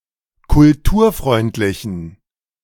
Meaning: inflection of kulturfreundlich: 1. strong genitive masculine/neuter singular 2. weak/mixed genitive/dative all-gender singular 3. strong/weak/mixed accusative masculine singular
- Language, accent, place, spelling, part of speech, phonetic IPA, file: German, Germany, Berlin, kulturfreundlichen, adjective, [kʊlˈtuːɐ̯ˌfʁɔɪ̯ntlɪçn̩], De-kulturfreundlichen.ogg